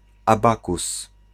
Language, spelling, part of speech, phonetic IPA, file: Polish, abakus, noun, [aˈbakus], Pl-abakus.ogg